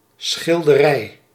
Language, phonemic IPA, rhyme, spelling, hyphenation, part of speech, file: Dutch, /sxɪl.dəˈrɛi̯/, -ɛi̯, schilderij, schil‧de‧rij, noun, Nl-schilderij.ogg
- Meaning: painting